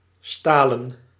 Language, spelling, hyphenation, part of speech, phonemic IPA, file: Dutch, stalen, sta‧len, adjective / verb / noun, /ˈstaː.lə(n)/, Nl-stalen.ogg
- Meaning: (adjective) steel, made of steel; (verb) To toughen, harden; to steel; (noun) plural of staal (all senses and etymologies); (verb) inflection of stelen: plural past indicative